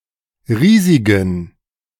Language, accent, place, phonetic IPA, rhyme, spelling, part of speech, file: German, Germany, Berlin, [ˈʁiːzɪɡn̩], -iːzɪɡn̩, riesigen, adjective, De-riesigen.ogg
- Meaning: inflection of riesig: 1. strong genitive masculine/neuter singular 2. weak/mixed genitive/dative all-gender singular 3. strong/weak/mixed accusative masculine singular 4. strong dative plural